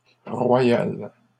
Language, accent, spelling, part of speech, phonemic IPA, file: French, Canada, royale, adjective, /ʁwa.jal/, LL-Q150 (fra)-royale.wav
- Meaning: feminine singular of royal